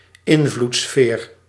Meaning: sphere of influence
- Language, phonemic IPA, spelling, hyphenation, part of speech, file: Dutch, /ˈɪn.vlutˌsfeːr/, invloedssfeer, in‧vloeds‧sfeer, noun, Nl-invloedssfeer.ogg